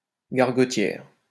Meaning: female equivalent of gargotier
- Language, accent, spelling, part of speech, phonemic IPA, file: French, France, gargotière, noun, /ɡaʁ.ɡɔ.tjɛʁ/, LL-Q150 (fra)-gargotière.wav